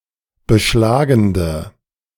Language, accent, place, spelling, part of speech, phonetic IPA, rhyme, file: German, Germany, Berlin, beschlagende, adjective, [bəˈʃlaːɡn̩də], -aːɡn̩də, De-beschlagende.ogg
- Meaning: inflection of beschlagend: 1. strong/mixed nominative/accusative feminine singular 2. strong nominative/accusative plural 3. weak nominative all-gender singular